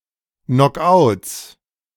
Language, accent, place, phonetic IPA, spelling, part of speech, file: German, Germany, Berlin, [nɔkˈʔaʊ̯ts], Knock-outs, noun, De-Knock-outs.ogg
- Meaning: 1. genitive singular of Knock-out 2. plural of Knock-out